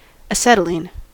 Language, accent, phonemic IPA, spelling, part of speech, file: English, US, /əˈsɛtəlˌin/, acetylene, noun, En-us-acetylene.ogg
- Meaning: Any organic compound having one or more carbon–carbon triple bonds; an alkyne